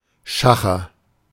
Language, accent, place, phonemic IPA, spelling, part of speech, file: German, Germany, Berlin, /ˈʃaχɐ/, Schacher, noun, De-Schacher.ogg
- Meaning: 1. haggling 2. horsetrading